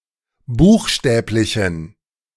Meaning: inflection of buchstäblich: 1. strong genitive masculine/neuter singular 2. weak/mixed genitive/dative all-gender singular 3. strong/weak/mixed accusative masculine singular 4. strong dative plural
- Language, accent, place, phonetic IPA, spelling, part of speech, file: German, Germany, Berlin, [ˈbuːxˌʃtɛːplɪçn̩], buchstäblichen, adjective, De-buchstäblichen.ogg